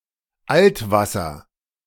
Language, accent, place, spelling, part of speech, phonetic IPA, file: German, Germany, Berlin, Altwasser, noun, [ˈʔaltˌvasɐ], De-Altwasser.ogg
- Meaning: oxbow lake